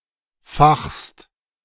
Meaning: second-person singular present of fachen
- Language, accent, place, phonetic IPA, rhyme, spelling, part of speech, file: German, Germany, Berlin, [faxst], -axst, fachst, verb, De-fachst.ogg